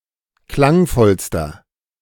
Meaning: inflection of klangvoll: 1. strong/mixed nominative masculine singular superlative degree 2. strong genitive/dative feminine singular superlative degree 3. strong genitive plural superlative degree
- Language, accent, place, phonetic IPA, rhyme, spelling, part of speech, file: German, Germany, Berlin, [ˈklaŋˌfɔlstɐ], -aŋfɔlstɐ, klangvollster, adjective, De-klangvollster.ogg